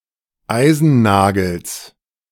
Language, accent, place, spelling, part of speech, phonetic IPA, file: German, Germany, Berlin, Eisennagels, noun, [ˈaɪ̯zn̩ˌnaːɡl̩s], De-Eisennagels.ogg
- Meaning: genitive singular of Eisennagel